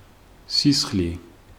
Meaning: blood
- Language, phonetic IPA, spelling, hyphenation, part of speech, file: Georgian, [sisχli], სისხლი, სის‧ხლი, noun, Ka-სისხლი.ogg